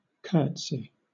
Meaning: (noun) A small bow, generally performed by a woman or a girl, where she crosses the shin of one leg behind the calf of her other leg and briefly bends her knees to lower her body in deference
- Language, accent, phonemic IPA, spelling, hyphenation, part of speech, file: English, Southern England, /ˈkɜːtsɪ/, curtsey, curt‧sey, noun / verb, LL-Q1860 (eng)-curtsey.wav